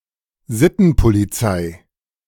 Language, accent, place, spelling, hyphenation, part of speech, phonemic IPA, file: German, Germany, Berlin, Sittenpolizei, Sit‧ten‧po‧li‧zei, noun, /ˈzɪtn̩poliˌt͡saɪ̯/, De-Sittenpolizei.ogg
- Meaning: vice squad